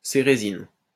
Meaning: ceresin
- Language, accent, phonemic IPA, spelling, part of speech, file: French, France, /se.ʁe.zin/, cérésine, noun, LL-Q150 (fra)-cérésine.wav